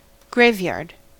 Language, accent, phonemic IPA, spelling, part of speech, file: English, US, /ˈɡɹeɪvˌjɑɹd/, graveyard, noun, En-us-graveyard.ogg
- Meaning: 1. A tract of land in which the dead are buried 2. A final storage place for collections of things that are no longer useful or useable